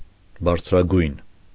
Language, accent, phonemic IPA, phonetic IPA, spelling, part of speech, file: Armenian, Eastern Armenian, /bɑɾt͡sʰɾɑˈɡujn/, [bɑɾt͡sʰɾɑɡújn], բարձրագույն, adjective, Hy-բարձրագույն.ogg
- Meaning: highest, supreme